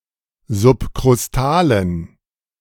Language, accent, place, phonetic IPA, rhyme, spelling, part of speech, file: German, Germany, Berlin, [zʊpkʁʊsˈtaːlən], -aːlən, subkrustalen, adjective, De-subkrustalen.ogg
- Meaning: inflection of subkrustal: 1. strong genitive masculine/neuter singular 2. weak/mixed genitive/dative all-gender singular 3. strong/weak/mixed accusative masculine singular 4. strong dative plural